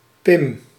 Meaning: a diminutive of the male given name Willem
- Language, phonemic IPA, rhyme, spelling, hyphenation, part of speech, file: Dutch, /pɪm/, -ɪm, Pim, Pim, proper noun, Nl-Pim.ogg